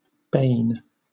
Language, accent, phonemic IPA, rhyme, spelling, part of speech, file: English, Southern England, /beɪn/, -eɪn, bane, noun / verb, LL-Q1860 (eng)-bane.wav
- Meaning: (noun) 1. A cause of misery or ruin 2. Chiefly in the names of poisonous plants or substances: a poison 3. Misery, woe; also, doom, ruin; or physical injury, harm